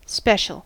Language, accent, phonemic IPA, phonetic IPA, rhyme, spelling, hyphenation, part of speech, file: English, General American, /ˈspɛʃ.əl/, [ˈspɛʃ.ɫ̩], -ɛʃəl, special, spe‧cial, adjective / noun / verb, En-us-special.ogg
- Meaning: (adjective) 1. Distinguished by a unique, particular, or unusual quality 2. Of particular value or interest; dear; beloved 3. Of or related to unconventional warfare